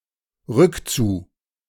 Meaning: on the way back
- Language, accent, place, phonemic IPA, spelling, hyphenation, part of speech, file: German, Germany, Berlin, /ˈʁʏkt͡su/, rückzu, rück‧zu, adverb, De-rückzu.ogg